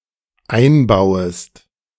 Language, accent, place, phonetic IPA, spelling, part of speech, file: German, Germany, Berlin, [ˈaɪ̯nˌbaʊ̯əst], einbauest, verb, De-einbauest.ogg
- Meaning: second-person singular dependent subjunctive I of einbauen